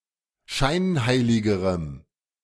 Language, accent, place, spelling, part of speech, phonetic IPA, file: German, Germany, Berlin, scheinheiligerem, adjective, [ˈʃaɪ̯nˌhaɪ̯lɪɡəʁəm], De-scheinheiligerem.ogg
- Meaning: strong dative masculine/neuter singular comparative degree of scheinheilig